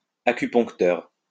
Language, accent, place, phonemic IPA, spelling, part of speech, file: French, France, Lyon, /a.ky.pɔ̃k.tœʁ/, acupuncteur, noun, LL-Q150 (fra)-acupuncteur.wav
- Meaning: Pre-1990 spelling of acuponcteur